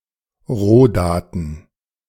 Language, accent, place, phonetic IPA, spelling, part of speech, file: German, Germany, Berlin, [ˈʁoːˌdaːtn̩], Rohdaten, noun, De-Rohdaten.ogg
- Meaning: raw data